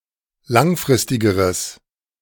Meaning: strong/mixed nominative/accusative neuter singular comparative degree of langfristig
- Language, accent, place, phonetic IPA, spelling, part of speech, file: German, Germany, Berlin, [ˈlaŋˌfʁɪstɪɡəʁəs], langfristigeres, adjective, De-langfristigeres.ogg